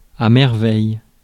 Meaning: wonder; marvel
- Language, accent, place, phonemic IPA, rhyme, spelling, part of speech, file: French, France, Paris, /mɛʁ.vɛj/, -ɛj, merveille, noun, Fr-merveille.ogg